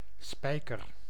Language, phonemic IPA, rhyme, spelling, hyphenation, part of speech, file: Dutch, /ˈspɛi̯kər/, -ɛi̯kər, spijker, spij‧ker, noun / verb, Nl-spijker.ogg
- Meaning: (noun) 1. nail (metal fastener) 2. granary; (verb) inflection of spijkeren: 1. first-person singular present indicative 2. second-person singular present indicative 3. imperative